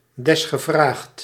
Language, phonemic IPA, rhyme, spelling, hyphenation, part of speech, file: Dutch, /ˌdɛs.xəˈvraːxt/, -aːxt, desgevraagd, des‧ge‧vraagd, adverb, Nl-desgevraagd.ogg
- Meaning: when requested, upon request